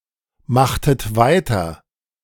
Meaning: inflection of weitermachen: 1. second-person plural preterite 2. second-person plural subjunctive II
- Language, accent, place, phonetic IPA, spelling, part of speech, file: German, Germany, Berlin, [ˌmaxtət ˈvaɪ̯tɐ], machtet weiter, verb, De-machtet weiter.ogg